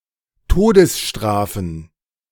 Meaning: plural of Todesstrafe
- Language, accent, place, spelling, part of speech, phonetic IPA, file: German, Germany, Berlin, Todesstrafen, noun, [ˈtoːdəsˌʃtʁaːfn̩], De-Todesstrafen.ogg